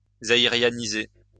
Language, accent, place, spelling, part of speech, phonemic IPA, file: French, France, Lyon, zaïrianiser, verb, /za.i.ʁja.ni.ze/, LL-Q150 (fra)-zaïrianiser.wav
- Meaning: to make Zairean